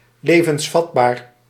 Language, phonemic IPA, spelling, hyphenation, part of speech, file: Dutch, /ˌleː.vənsˈfɑt.baːr/, levensvatbaar, le‧vens‧vat‧baar, adjective, Nl-levensvatbaar.ogg
- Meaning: viable (all senses)